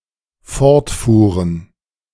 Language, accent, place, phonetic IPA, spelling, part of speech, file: German, Germany, Berlin, [ˈfɔʁtˌfuːʁən], fortfuhren, verb, De-fortfuhren.ogg
- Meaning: first/third-person plural dependent preterite of fortfahren